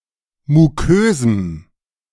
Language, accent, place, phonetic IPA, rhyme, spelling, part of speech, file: German, Germany, Berlin, [muˈkøːzm̩], -øːzm̩, mukösem, adjective, De-mukösem.ogg
- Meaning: strong dative masculine/neuter singular of mukös